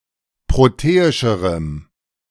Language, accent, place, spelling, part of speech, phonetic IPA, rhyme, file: German, Germany, Berlin, proteischerem, adjective, [ˌpʁoˈteːɪʃəʁəm], -eːɪʃəʁəm, De-proteischerem.ogg
- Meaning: strong dative masculine/neuter singular comparative degree of proteisch